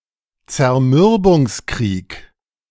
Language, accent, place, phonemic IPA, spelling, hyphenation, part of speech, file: German, Germany, Berlin, /t͡sɛɐ̯ˈmʏʁbʊŋsˌkʁiːk/, Zermürbungskrieg, Zer‧mür‧bungs‧krieg, noun, De-Zermürbungskrieg.ogg
- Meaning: war of attrition